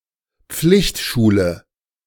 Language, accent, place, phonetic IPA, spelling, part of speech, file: German, Germany, Berlin, [ˈp͡flɪçtˌʃuːlə], Pflichtschule, noun, De-Pflichtschule.ogg
- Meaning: A school that children are required by law to attend, e.g. elementary school in many countries